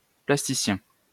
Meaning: 1. plastician (someone or something that transforms or reshapes objects) 2. plastician (an artist involved with plastic arts)
- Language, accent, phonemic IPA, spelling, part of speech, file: French, France, /plas.ti.sjɛ̃/, plasticien, noun, LL-Q150 (fra)-plasticien.wav